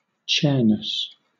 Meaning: The essence of what it means to be a chair; the qualities that make a chair what it is
- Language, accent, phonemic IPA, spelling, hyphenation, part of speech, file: English, Southern England, /ˈt͡ʃɛənəs/, chairness, chair‧ness, noun, LL-Q1860 (eng)-chairness.wav